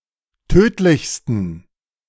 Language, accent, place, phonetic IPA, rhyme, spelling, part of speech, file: German, Germany, Berlin, [ˈtøːtlɪçstn̩], -øːtlɪçstn̩, tödlichsten, adjective, De-tödlichsten.ogg
- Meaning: 1. superlative degree of tödlich 2. inflection of tödlich: strong genitive masculine/neuter singular superlative degree